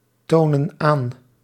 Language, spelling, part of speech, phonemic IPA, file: Dutch, tonen aan, verb, /ˈtonə(n) ˈan/, Nl-tonen aan.ogg
- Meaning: inflection of aantonen: 1. plural present indicative 2. plural present subjunctive